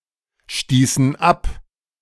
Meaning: inflection of abstoßen: 1. first/third-person plural preterite 2. first/third-person plural subjunctive II
- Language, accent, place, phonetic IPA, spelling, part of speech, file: German, Germany, Berlin, [ˌʃtiːsn̩ ˈap], stießen ab, verb, De-stießen ab.ogg